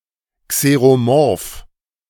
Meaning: xeromorphic
- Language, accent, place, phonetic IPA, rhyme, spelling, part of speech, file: German, Germany, Berlin, [kseʁoˈmɔʁf], -ɔʁf, xeromorph, adjective, De-xeromorph.ogg